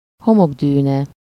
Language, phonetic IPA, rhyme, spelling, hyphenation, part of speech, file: Hungarian, [ˈhomoɡdyːnɛ], -nɛ, homokdűne, ho‧mok‧dű‧ne, noun, Hu-homokdűne.ogg
- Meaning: sand dune